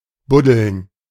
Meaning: to dig, especially with one’s hands or paws
- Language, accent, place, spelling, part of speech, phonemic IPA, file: German, Germany, Berlin, buddeln, verb, /ˈbʊdəln/, De-buddeln.ogg